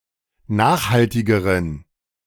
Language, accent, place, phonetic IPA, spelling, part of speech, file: German, Germany, Berlin, [ˈnaːxhaltɪɡəʁən], nachhaltigeren, adjective, De-nachhaltigeren.ogg
- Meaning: inflection of nachhaltig: 1. strong genitive masculine/neuter singular comparative degree 2. weak/mixed genitive/dative all-gender singular comparative degree